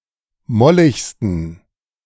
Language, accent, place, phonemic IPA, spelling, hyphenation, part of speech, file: German, Germany, Berlin, /ˈmɔlɪçstən/, molligsten, mol‧lig‧sten, adjective, De-molligsten.ogg
- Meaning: superlative degree of mollig